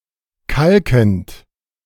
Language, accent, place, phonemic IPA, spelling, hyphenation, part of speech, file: German, Germany, Berlin, /ˈkalkənt/, kalkend, kal‧kend, verb, De-kalkend.ogg
- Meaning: present participle of kalken